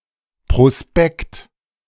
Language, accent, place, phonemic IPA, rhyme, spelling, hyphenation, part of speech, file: German, Germany, Berlin, /pʁoˈspɛkt/, -spɛkt, Prospekt, Pro‧spekt, noun, De-Prospekt.ogg
- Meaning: 1. brochure 2. backdrop